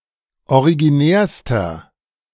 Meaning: inflection of originär: 1. strong/mixed nominative masculine singular superlative degree 2. strong genitive/dative feminine singular superlative degree 3. strong genitive plural superlative degree
- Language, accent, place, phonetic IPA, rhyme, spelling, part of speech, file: German, Germany, Berlin, [oʁiɡiˈnɛːɐ̯stɐ], -ɛːɐ̯stɐ, originärster, adjective, De-originärster.ogg